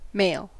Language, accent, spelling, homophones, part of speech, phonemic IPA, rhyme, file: English, US, mail, male, noun / verb, /meɪl/, -eɪl, En-us-mail.ogg
- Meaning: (noun) 1. A bag or wallet 2. A bag containing letters to be delivered by post 3. The (physical) material conveyed by the postal service